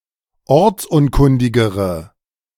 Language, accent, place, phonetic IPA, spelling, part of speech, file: German, Germany, Berlin, [ˈɔʁt͡sˌʔʊnkʊndɪɡəʁə], ortsunkundigere, adjective, De-ortsunkundigere.ogg
- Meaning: inflection of ortsunkundig: 1. strong/mixed nominative/accusative feminine singular comparative degree 2. strong nominative/accusative plural comparative degree